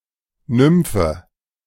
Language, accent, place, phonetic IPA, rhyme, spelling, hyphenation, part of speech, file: German, Germany, Berlin, [ˈnʏmfə], -ʏmfə, Nymphe, Nym‧phe, noun, De-Nymphe.ogg
- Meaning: nymph